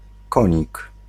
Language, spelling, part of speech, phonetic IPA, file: Polish, konik, noun, [ˈkɔ̃ɲik], Pl-konik.ogg